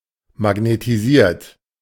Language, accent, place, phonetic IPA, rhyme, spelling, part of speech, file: German, Germany, Berlin, [maɡnetiˈziːɐ̯t], -iːɐ̯t, magnetisiert, adjective / verb, De-magnetisiert.ogg
- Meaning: 1. past participle of magnetisieren 2. inflection of magnetisieren: second-person plural present 3. inflection of magnetisieren: third-person singular present